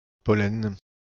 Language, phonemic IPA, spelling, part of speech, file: French, /pɔ.lɛn/, pollen, noun, Fr-pollen.ogg
- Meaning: pollen